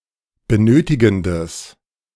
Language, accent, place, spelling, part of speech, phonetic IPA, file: German, Germany, Berlin, benötigendes, adjective, [bəˈnøːtɪɡn̩dəs], De-benötigendes.ogg
- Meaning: strong/mixed nominative/accusative neuter singular of benötigend